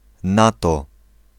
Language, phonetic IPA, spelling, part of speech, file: Polish, [ˈnatɔ], NATO, noun, Pl-NATO.ogg